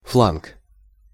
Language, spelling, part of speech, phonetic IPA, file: Russian, фланг, noun, [fɫank], Ru-фланг.ogg
- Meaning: flank, wing